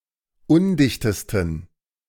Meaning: 1. superlative degree of undicht 2. inflection of undicht: strong genitive masculine/neuter singular superlative degree
- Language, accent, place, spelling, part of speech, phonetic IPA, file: German, Germany, Berlin, undichtesten, adjective, [ˈʊndɪçtəstn̩], De-undichtesten.ogg